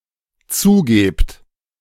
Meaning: second-person plural dependent present of zugeben
- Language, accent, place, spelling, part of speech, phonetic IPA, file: German, Germany, Berlin, zugebt, verb, [ˈt͡suːˌɡeːpt], De-zugebt.ogg